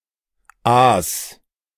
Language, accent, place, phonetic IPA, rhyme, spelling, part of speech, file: German, Germany, Berlin, [aːs], -aːs, aas, verb, De-aas.ogg
- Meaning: 1. singular imperative of aasen 2. first-person singular present of aasen